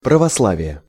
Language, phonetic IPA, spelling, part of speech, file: Russian, [prəvɐsˈɫavʲɪje], православие, noun, Ru-православие.ogg
- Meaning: 1. Orthodoxy 2. Eastern Orthodoxy 3. Russian Orthodoxy (beliefs and practices of the Russian Orthodox Church) 4. Slavic neopaganism, Rodnovery